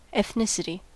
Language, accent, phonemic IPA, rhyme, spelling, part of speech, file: English, US, /ɛθˈnɪsɪti/, -ɪsɪti, ethnicity, noun, En-us-ethnicity.ogg
- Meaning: 1. The common characteristics of a group of people, especially regarding ancestry, culture, language or national experiences 2. An ethnic group 3. Race; common ancestry